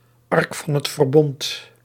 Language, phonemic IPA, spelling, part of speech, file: Dutch, /ˈɑrk vɑn(ɦ)ɛt vərˈbɔnt/, Ark van het Verbond, proper noun, Nl-Ark van het Verbond.ogg
- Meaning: Ark of the Covenant